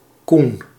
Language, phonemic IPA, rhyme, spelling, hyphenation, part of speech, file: Dutch, /kun/, -un, Coen, Coen, proper noun, Nl-Coen.ogg
- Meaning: a diminutive of the male given name Coenraad